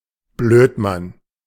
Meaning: dumbass
- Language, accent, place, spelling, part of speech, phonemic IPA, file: German, Germany, Berlin, Blödmann, noun, /ˈbløːtman/, De-Blödmann.ogg